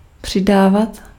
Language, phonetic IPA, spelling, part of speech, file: Czech, [ˈpr̝̊ɪdaːvat], přidávat, verb, Cs-přidávat.ogg
- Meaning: imperfective form of přidat